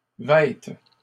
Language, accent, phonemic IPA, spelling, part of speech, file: French, Canada, /vɛt/, vête, verb, LL-Q150 (fra)-vête.wav
- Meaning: first/third-person singular present subjunctive of vêtir